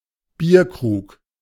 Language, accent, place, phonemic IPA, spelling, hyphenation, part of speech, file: German, Germany, Berlin, /ˈbiːɐ̯ˌkʁuːk/, Bierkrug, Bier‧krug, noun, De-Bierkrug.ogg
- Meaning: stein; beer stein; (ornamental) beer mug